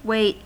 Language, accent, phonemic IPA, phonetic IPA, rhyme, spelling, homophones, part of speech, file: English, US, /weɪt/, [weɪ̯ʔt], -eɪt, wait, weight, verb / noun / interjection, En-us-wait.ogg
- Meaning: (verb) 1. To delay movement or action until some event or time; to remain neglected or in readiness 2. To wait tables; to serve customers in a restaurant or other eating establishment